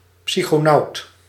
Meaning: a (male) person who explores his own psyche, commonly with the aid of psychedelic drugs; a psychonaut
- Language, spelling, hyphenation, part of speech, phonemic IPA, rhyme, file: Dutch, psychonaut, psy‧cho‧naut, noun, /ˌpsi.xoːˈnɑu̯t/, -ɑu̯t, Nl-psychonaut.ogg